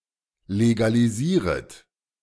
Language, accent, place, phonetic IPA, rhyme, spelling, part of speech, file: German, Germany, Berlin, [leɡaliˈziːʁət], -iːʁət, legalisieret, verb, De-legalisieret.ogg
- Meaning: second-person plural subjunctive I of legalisieren